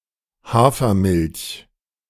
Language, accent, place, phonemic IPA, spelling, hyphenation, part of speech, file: German, Germany, Berlin, /ˈhaːfɐˌmɪlç/, Hafermilch, Ha‧fer‧milch, noun, De-Hafermilch.ogg
- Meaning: oat milk (milky liquid from oats)